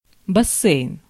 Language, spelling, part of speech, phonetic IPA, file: Russian, бассейн, noun, [bɐˈsʲ(ː)ejn], Ru-бассейн.ogg
- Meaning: 1. swimming pool 2. basin